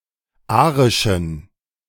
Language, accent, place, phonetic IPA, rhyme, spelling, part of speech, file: German, Germany, Berlin, [ˈaːʁɪʃn̩], -aːʁɪʃn̩, arischen, adjective, De-arischen.ogg
- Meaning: inflection of arisch: 1. strong genitive masculine/neuter singular 2. weak/mixed genitive/dative all-gender singular 3. strong/weak/mixed accusative masculine singular 4. strong dative plural